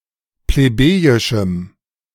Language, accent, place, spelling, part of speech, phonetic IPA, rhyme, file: German, Germany, Berlin, plebejischem, adjective, [pleˈbeːjɪʃm̩], -eːjɪʃm̩, De-plebejischem.ogg
- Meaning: strong dative masculine/neuter singular of plebejisch